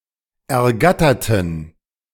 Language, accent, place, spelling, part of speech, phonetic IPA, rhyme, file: German, Germany, Berlin, ergatterten, adjective / verb, [ɛɐ̯ˈɡatɐtn̩], -atɐtn̩, De-ergatterten.ogg
- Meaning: inflection of ergattern: 1. first/third-person plural preterite 2. first/third-person plural subjunctive II